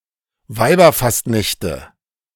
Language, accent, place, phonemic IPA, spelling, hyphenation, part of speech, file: German, Germany, Berlin, /ˈvaɪ̯bɐˌfas(t)nɛçtə/, Weiberfastnächte, Wei‧ber‧fast‧näch‧te, noun, De-Weiberfastnächte.ogg
- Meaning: nominative/accusative/genitive plural of Weiberfastnacht